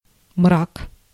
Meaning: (noun) 1. shadow, darkness 2. gloom, cheerlessness 3. despair; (adjective) it's a nightmare, it's appalling/dreadful
- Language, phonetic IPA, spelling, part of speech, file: Russian, [mrak], мрак, noun / adjective, Ru-мрак.ogg